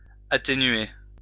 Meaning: to attenuate; to mitigate
- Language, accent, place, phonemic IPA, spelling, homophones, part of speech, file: French, France, Lyon, /a.te.nɥe/, atténuer, atténuai / atténué / atténuée / atténuées / atténués / atténuez, verb, LL-Q150 (fra)-atténuer.wav